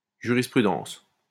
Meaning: case law
- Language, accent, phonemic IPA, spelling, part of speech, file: French, France, /ʒy.ʁis.pʁy.dɑ̃s/, jurisprudence, noun, LL-Q150 (fra)-jurisprudence.wav